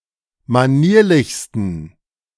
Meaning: 1. superlative degree of manierlich 2. inflection of manierlich: strong genitive masculine/neuter singular superlative degree
- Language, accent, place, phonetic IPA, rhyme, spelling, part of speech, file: German, Germany, Berlin, [maˈniːɐ̯lɪçstn̩], -iːɐ̯lɪçstn̩, manierlichsten, adjective, De-manierlichsten.ogg